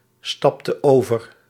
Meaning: inflection of overstappen: 1. singular past indicative 2. singular past subjunctive
- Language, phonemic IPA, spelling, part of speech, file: Dutch, /ˈstɑptə ˈovər/, stapte over, verb, Nl-stapte over.ogg